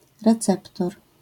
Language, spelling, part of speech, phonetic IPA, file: Polish, receptor, noun, [rɛˈt͡sɛptɔr], LL-Q809 (pol)-receptor.wav